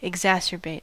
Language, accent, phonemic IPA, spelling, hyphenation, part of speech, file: English, US, /ɪɡˈzæsɚˌbeɪt/, exacerbate, ex‧acer‧bate, verb, En-us-exacerbate.ogg
- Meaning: To make worse (a problem, bad situation, negative feeling, etc.)